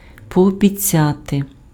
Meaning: to promise, to pledge
- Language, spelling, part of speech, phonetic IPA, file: Ukrainian, пообіцяти, verb, [pɔɔbʲiˈt͡sʲate], Uk-пообіцяти.ogg